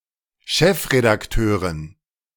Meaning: editor-in-chief (female)
- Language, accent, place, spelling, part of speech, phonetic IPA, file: German, Germany, Berlin, Chefredakteurin, noun, [ˈʃɛfredaktøːrɪn], De-Chefredakteurin.ogg